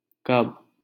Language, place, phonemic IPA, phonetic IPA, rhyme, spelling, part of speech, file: Hindi, Delhi, /kəb/, [kɐb], -əb, कब, adverb, LL-Q1568 (hin)-कब.wav
- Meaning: when (interrogative)